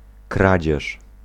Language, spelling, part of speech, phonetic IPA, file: Polish, kradzież, noun, [ˈkrad͡ʑɛʃ], Pl-kradzież.ogg